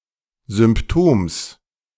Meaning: genitive singular of Symptom
- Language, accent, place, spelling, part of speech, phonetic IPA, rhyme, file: German, Germany, Berlin, Symptoms, noun, [zʏmpˈtoːms], -oːms, De-Symptoms.ogg